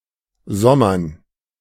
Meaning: dative plural of Sommer
- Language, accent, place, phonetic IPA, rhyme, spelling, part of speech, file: German, Germany, Berlin, [ˈzɔmɐn], -ɔmɐn, Sommern, noun, De-Sommern.ogg